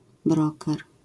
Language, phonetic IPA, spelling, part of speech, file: Polish, [ˈbrɔkɛr], broker, noun, LL-Q809 (pol)-broker.wav